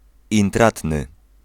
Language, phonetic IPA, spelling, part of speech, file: Polish, [ĩnˈtratnɨ], intratny, adjective, Pl-intratny.ogg